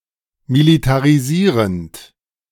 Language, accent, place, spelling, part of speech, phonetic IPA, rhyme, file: German, Germany, Berlin, militarisierend, verb, [militaʁiˈziːʁənt], -iːʁənt, De-militarisierend.ogg
- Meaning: participle of militarisieren